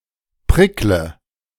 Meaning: inflection of prickeln: 1. first-person singular present 2. first/third-person singular subjunctive I 3. singular imperative
- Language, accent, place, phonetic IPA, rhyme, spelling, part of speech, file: German, Germany, Berlin, [ˈpʁɪklə], -ɪklə, prickle, verb, De-prickle.ogg